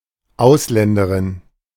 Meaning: female equivalent of Ausländer (“foreigner”)
- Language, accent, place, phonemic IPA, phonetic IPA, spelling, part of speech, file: German, Germany, Berlin, /ˈaʊ̯sˌlɛndəʁɪn/, [ˈʔaʊ̯sˌlɛndəʁɪn], Ausländerin, noun, De-Ausländerin.ogg